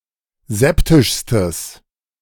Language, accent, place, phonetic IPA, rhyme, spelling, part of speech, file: German, Germany, Berlin, [ˈzɛptɪʃstəs], -ɛptɪʃstəs, septischstes, adjective, De-septischstes.ogg
- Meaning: strong/mixed nominative/accusative neuter singular superlative degree of septisch